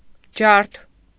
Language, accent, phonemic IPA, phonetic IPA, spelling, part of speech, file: Armenian, Eastern Armenian, /d͡ʒɑɾtʰ/, [d͡ʒɑɾtʰ], ջարդ, noun, Hy-ջարդ.ogg
- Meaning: 1. massacre, carnage, slaughter; pogrom 2. mass repression by a government (i.e., imprisonment, exile, executions) 3. a devastating blow, a crushing defeat (inflicted upon an opponent)